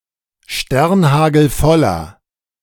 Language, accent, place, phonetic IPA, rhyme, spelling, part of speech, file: German, Germany, Berlin, [ˈʃtɛʁnˌhaːɡl̩ˈfɔlɐ], -ɔlɐ, sternhagelvoller, adjective, De-sternhagelvoller.ogg
- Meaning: inflection of sternhagelvoll: 1. strong/mixed nominative masculine singular 2. strong genitive/dative feminine singular 3. strong genitive plural